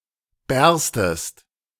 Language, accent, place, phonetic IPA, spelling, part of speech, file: German, Germany, Berlin, [ˈbɛʁstəst], bärstest, verb, De-bärstest.ogg
- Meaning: second-person singular subjunctive I of bersten